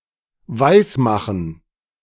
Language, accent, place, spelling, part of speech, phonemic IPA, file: German, Germany, Berlin, weismachen, verb, /ˈvaɪ̯sˌmaxn̩/, De-weismachen.ogg
- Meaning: [with dative] make believe